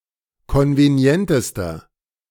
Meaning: inflection of konvenient: 1. strong/mixed nominative masculine singular superlative degree 2. strong genitive/dative feminine singular superlative degree 3. strong genitive plural superlative degree
- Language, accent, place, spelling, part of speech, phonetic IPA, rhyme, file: German, Germany, Berlin, konvenientester, adjective, [ˌkɔnveˈni̯ɛntəstɐ], -ɛntəstɐ, De-konvenientester.ogg